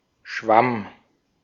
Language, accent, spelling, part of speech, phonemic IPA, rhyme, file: German, Austria, Schwamm, noun, /ʃvam/, -am, De-at-Schwamm.ogg
- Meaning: 1. sponge 2. fungus, mushroom, toadstool 3. morbid growth 4. dry rot